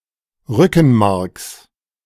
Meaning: genitive singular of Rückenmark
- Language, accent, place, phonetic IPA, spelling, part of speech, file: German, Germany, Berlin, [ˈʁʏkn̩ˌmaʁks], Rückenmarks, noun, De-Rückenmarks.ogg